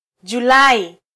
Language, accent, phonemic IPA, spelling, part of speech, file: Swahili, Kenya, /ʄuˈlɑ.i/, Julai, proper noun, Sw-ke-Julai.flac
- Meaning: July